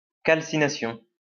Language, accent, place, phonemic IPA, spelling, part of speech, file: French, France, Lyon, /kal.si.na.sjɔ̃/, calcination, noun, LL-Q150 (fra)-calcination.wav
- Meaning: calcination